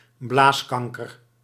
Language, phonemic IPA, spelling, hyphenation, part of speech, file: Dutch, /ˈblaːsˌkɑŋ.kər/, blaaskanker, blaas‧kan‧ker, noun, Nl-blaaskanker.ogg
- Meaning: bladder cancer